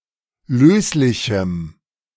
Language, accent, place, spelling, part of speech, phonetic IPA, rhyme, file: German, Germany, Berlin, löslichem, adjective, [ˈløːslɪçm̩], -øːslɪçm̩, De-löslichem.ogg
- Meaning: strong dative masculine/neuter singular of löslich